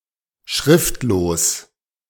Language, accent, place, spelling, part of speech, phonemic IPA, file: German, Germany, Berlin, schriftlos, adjective, /ˈʃʁɪftloːs/, De-schriftlos.ogg
- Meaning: unlettered